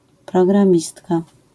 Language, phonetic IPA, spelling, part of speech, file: Polish, [ˌprɔɡrãˈmʲistka], programistka, noun, LL-Q809 (pol)-programistka.wav